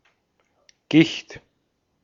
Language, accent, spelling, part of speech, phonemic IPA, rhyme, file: German, Austria, Gicht, noun, /ɡɪçt/, -ɪçt, De-at-Gicht.ogg
- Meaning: gout